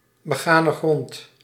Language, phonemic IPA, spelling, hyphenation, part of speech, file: Dutch, /bəˌɣaː.nə ˈɣrɔnt/, begane grond, be‧ga‧ne grond, noun, Nl-begane grond.ogg
- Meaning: first floor, ground floor